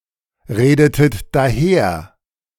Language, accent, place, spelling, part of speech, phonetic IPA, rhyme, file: German, Germany, Berlin, redetet daher, verb, [ˌʁeːdətət daˈheːɐ̯], -eːɐ̯, De-redetet daher.ogg
- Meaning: inflection of daherreden: 1. second-person plural preterite 2. second-person plural subjunctive II